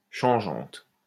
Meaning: feminine plural of changeant
- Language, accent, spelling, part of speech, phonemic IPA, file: French, France, changeantes, adjective, /ʃɑ̃.ʒɑ̃t/, LL-Q150 (fra)-changeantes.wav